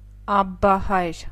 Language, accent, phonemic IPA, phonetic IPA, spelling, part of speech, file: Armenian, Eastern Armenian, /ɑbbɑˈhɑjɾ/, [ɑbːɑhɑ́jɾ], աբբահայր, noun, Hy-աբբահայր.ogg
- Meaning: abbot